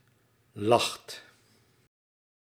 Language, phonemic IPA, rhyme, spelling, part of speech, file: Dutch, /lɑxt/, -ɑxt, lacht, verb, Nl-lacht.ogg
- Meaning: inflection of lachen: 1. second/third-person singular present indicative 2. plural imperative